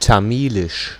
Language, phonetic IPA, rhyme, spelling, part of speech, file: German, [taˈmiːlɪʃ], -iːlɪʃ, Tamilisch, noun, De-Tamilisch.ogg
- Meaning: Tamil